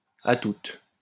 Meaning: see you, laters
- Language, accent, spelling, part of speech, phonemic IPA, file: French, France, à toute, phrase, /a tut/, LL-Q150 (fra)-à toute.wav